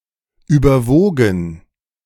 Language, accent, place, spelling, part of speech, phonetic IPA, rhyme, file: German, Germany, Berlin, überwogen, verb, [ˌyːbɐˈvoːɡn̩], -oːɡn̩, De-überwogen.ogg
- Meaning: past participle of überwiegen